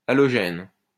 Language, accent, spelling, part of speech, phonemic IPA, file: French, France, allogène, adjective / noun, /a.lɔ.ʒɛn/, LL-Q150 (fra)-allogène.wav
- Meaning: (adjective) 1. recently immigrated and still noticeably exhibiting traits or characteristics of their previous nationality 2. allogenic